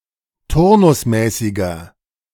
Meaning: inflection of turnusmäßig: 1. strong/mixed nominative masculine singular 2. strong genitive/dative feminine singular 3. strong genitive plural
- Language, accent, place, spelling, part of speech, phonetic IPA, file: German, Germany, Berlin, turnusmäßiger, adjective, [ˈtʊʁnʊsˌmɛːsɪɡɐ], De-turnusmäßiger.ogg